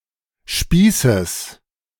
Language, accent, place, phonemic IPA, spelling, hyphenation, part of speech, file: German, Germany, Berlin, /ˈʃpiː.səs/, Spießes, Spie‧ßes, noun, De-Spießes.ogg
- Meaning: genitive singular of Spieß